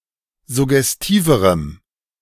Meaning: strong dative masculine/neuter singular comparative degree of suggestiv
- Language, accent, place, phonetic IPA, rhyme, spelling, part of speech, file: German, Germany, Berlin, [zʊɡɛsˈtiːvəʁəm], -iːvəʁəm, suggestiverem, adjective, De-suggestiverem.ogg